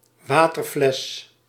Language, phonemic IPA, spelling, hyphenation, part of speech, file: Dutch, /ˈʋaː.tərˌflɛs/, waterfles, wa‧ter‧fles, noun, Nl-waterfles.ogg
- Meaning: a water bottle